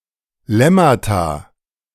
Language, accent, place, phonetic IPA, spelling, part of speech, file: German, Germany, Berlin, [ˈlɛmata], Lemmata, noun, De-Lemmata.ogg
- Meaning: plural of Lemma